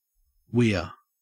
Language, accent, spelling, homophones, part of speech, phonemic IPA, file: English, Australia, weir, Wear / we're / ware, noun / verb, /wɪə̯/, En-au-weir.ogg
- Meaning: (noun) 1. An adjustable dam placed across a river to regulate the flow of water downstream 2. A fence placed across a river to catch fish 3. Seaweed; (verb) To put a weir, or weirs (in a river)